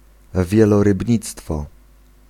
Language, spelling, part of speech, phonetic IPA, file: Polish, wielorybnictwo, noun, [ˌvʲjɛlɔrɨbʲˈɲit͡stfɔ], Pl-wielorybnictwo.ogg